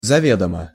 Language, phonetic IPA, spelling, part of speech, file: Russian, [zɐˈvʲedəmə], заведомо, adverb, Ru-заведомо.ogg
- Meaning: 1. deliberately, intentionally, knowingly 2. obviously